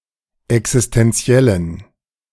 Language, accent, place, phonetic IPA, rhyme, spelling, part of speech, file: German, Germany, Berlin, [ɛksɪstɛnˈt͡si̯ɛlən], -ɛlən, existentiellen, adjective, De-existentiellen.ogg
- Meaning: inflection of existentiell: 1. strong genitive masculine/neuter singular 2. weak/mixed genitive/dative all-gender singular 3. strong/weak/mixed accusative masculine singular 4. strong dative plural